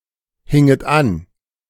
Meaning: second-person plural subjunctive I of anhängen
- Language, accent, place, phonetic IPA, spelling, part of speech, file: German, Germany, Berlin, [ˌhɪŋət ˈan], hinget an, verb, De-hinget an.ogg